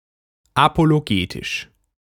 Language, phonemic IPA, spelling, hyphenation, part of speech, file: German, /apoloˈɡeːtɪʃ/, apologetisch, apo‧lo‧ge‧tisch, adjective, De-apologetisch.ogg
- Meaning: apologetic